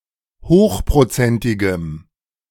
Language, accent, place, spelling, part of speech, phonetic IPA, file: German, Germany, Berlin, hochprozentigem, adjective, [ˈhoːxpʁoˌt͡sɛntɪɡəm], De-hochprozentigem.ogg
- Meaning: strong dative masculine/neuter singular of hochprozentig